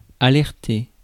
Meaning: to alert
- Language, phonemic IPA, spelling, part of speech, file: French, /a.lɛʁ.te/, alerter, verb, Fr-alerter.ogg